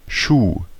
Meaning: shoe
- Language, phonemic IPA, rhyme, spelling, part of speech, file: German, /ʃuː/, -uː, Schuh, noun, De-Schuh.ogg